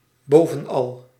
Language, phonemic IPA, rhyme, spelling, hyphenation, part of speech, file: Dutch, /ˌboː.və(n)ˈɑl/, -ɑl, bovenal, bo‧ven‧al, adverb, Nl-bovenal.ogg
- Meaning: above all